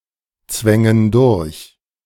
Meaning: inflection of durchzwängen: 1. first/third-person plural present 2. first/third-person plural subjunctive I
- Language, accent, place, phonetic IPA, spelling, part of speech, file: German, Germany, Berlin, [ˌt͡svɛŋən ˈdʊʁç], zwängen durch, verb, De-zwängen durch.ogg